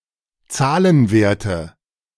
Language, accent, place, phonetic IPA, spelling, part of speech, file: German, Germany, Berlin, [ˈt͡saːlənˌveːɐ̯tə], Zahlenwerte, noun, De-Zahlenwerte.ogg
- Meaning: nominative/accusative/genitive plural of Zahlenwert